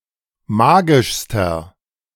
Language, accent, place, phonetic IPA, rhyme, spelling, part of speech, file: German, Germany, Berlin, [ˈmaːɡɪʃstɐ], -aːɡɪʃstɐ, magischster, adjective, De-magischster.ogg
- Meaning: inflection of magisch: 1. strong/mixed nominative masculine singular superlative degree 2. strong genitive/dative feminine singular superlative degree 3. strong genitive plural superlative degree